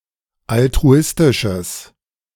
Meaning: strong/mixed nominative/accusative neuter singular of altruistisch
- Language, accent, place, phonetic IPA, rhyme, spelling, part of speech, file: German, Germany, Berlin, [altʁuˈɪstɪʃəs], -ɪstɪʃəs, altruistisches, adjective, De-altruistisches.ogg